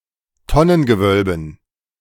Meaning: dative plural of Tonnengewölbe
- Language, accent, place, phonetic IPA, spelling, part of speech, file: German, Germany, Berlin, [ˈtɔnənɡəˌvœlbən], Tonnengewölben, noun, De-Tonnengewölben.ogg